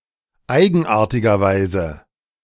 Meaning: strangely, oddly
- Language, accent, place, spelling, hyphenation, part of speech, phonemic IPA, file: German, Germany, Berlin, eigenartigerweise, ei‧gen‧ar‧ti‧ger‧wei‧se, adverb, /ˈaɪ̯ɡn̩ʔaːɐ̯tɪɡɐˌvaɪ̯zə/, De-eigenartigerweise.ogg